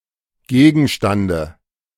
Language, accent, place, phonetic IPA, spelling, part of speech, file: German, Germany, Berlin, [ˈɡeːɡn̩ʃtandə], Gegenstande, noun, De-Gegenstande.ogg
- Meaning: dative singular of Gegenstand